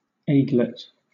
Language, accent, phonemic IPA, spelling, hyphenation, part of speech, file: English, Southern England, /ˈeɪ.ɡlɛt/, aiglet, ai‧glet, noun, LL-Q1860 (eng)-aiglet.wav